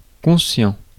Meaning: 1. Physically alert; conscious 2. aware of something's implications or consequences
- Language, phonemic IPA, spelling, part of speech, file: French, /kɔ̃.sjɑ̃/, conscient, adjective, Fr-conscient.ogg